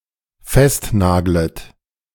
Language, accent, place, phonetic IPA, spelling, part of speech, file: German, Germany, Berlin, [ˈfɛstˌnaːɡlət], festnaglet, verb, De-festnaglet.ogg
- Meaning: second-person plural dependent subjunctive I of festnageln